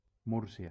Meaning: 1. Murcia (an autonomous community and province in southeast Spain) 2. Murcia (the capital city of the autonomous community of Murcia, Spain)
- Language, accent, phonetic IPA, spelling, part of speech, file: Catalan, Valencia, [ˈmuɾ.si.a], Múrcia, proper noun, LL-Q7026 (cat)-Múrcia.wav